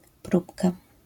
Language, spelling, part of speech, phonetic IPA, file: Polish, próbka, noun, [ˈprupka], LL-Q809 (pol)-próbka.wav